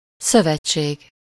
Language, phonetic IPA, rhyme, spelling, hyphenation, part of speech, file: Hungarian, [ˈsøvɛt͡ʃːeːɡ], -eːɡ, szövetség, szö‧vet‧ség, noun, Hu-szövetség.ogg
- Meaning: 1. alliance, coalition, union, league, covenant, association 2. confederation 3. association